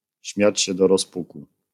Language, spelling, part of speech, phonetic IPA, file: Polish, śmiać się do rozpuku, phrase, [ˈɕmʲjät͡ɕ‿ɕɛ ˌdɔ‿rɔsˈpuku], LL-Q809 (pol)-śmiać się do rozpuku.wav